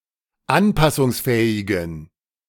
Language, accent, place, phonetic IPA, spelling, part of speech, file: German, Germany, Berlin, [ˈanpasʊŋsˌfɛːɪɡn̩], anpassungsfähigen, adjective, De-anpassungsfähigen.ogg
- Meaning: inflection of anpassungsfähig: 1. strong genitive masculine/neuter singular 2. weak/mixed genitive/dative all-gender singular 3. strong/weak/mixed accusative masculine singular 4. strong dative plural